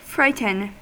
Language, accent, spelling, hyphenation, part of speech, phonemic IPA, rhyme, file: English, US, frighten, frigh‧ten, verb, /ˈfɹaɪ.tən/, -aɪtən, En-us-frighten.ogg
- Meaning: 1. To cause to feel fear; to scare; to cause to feel alarm or fright 2. To become scared or alarmed